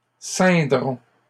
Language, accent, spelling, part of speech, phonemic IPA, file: French, Canada, ceindrons, verb, /sɛ̃.dʁɔ̃/, LL-Q150 (fra)-ceindrons.wav
- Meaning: first-person plural simple future of ceindre